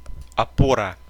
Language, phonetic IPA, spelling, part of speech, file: Russian, [ɐˈporə], опора, noun, Ru-опора.ogg
- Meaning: 1. support, prop, rest 2. buttress, pier (anything that serves to support something) 3. foothold